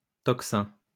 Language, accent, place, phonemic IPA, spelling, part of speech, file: French, France, Lyon, /tɔk.sɛ̃/, tocsin, noun, LL-Q150 (fra)-tocsin.wav
- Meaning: an alarm, a tocsin